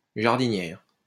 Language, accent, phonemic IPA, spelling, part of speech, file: French, France, /ʒaʁ.di.njɛʁ/, jardinière, noun, LL-Q150 (fra)-jardinière.wav
- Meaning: 1. female equivalent of jardinier (“gardener”) 2. an ornamental pot for the display of live flowers; a planter 3. diced, cooked vegetables served as a garnish